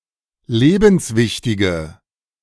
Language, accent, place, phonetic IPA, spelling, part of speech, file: German, Germany, Berlin, [ˈleːbn̩sˌvɪçtɪɡə], lebenswichtige, adjective, De-lebenswichtige.ogg
- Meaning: inflection of lebenswichtig: 1. strong/mixed nominative/accusative feminine singular 2. strong nominative/accusative plural 3. weak nominative all-gender singular